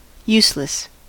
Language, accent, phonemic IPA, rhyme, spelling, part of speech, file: English, US, /ˈjus.ləs/, -uːsləs, useless, adjective, En-us-useless.ogg
- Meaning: 1. Without use or the possibility to be used 2. Unhelpful, not useful; pointless (of an action) 3. Good-for-nothing; not dependable 4. Of a person, Unable to do well at a particular task or endeavor